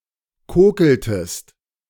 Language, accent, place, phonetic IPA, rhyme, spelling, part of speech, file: German, Germany, Berlin, [ˈkoːkl̩təst], -oːkl̩təst, kokeltest, verb, De-kokeltest.ogg
- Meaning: inflection of kokeln: 1. second-person singular preterite 2. second-person singular subjunctive II